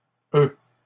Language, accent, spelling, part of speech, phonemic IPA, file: French, Canada, oeufs, noun, /ø/, LL-Q150 (fra)-oeufs.wav
- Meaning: nonstandard spelling of œufs